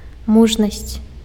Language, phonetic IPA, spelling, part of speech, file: Belarusian, [ˈmuʐnasʲt͡sʲ], мужнасць, noun, Be-мужнасць.ogg
- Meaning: courage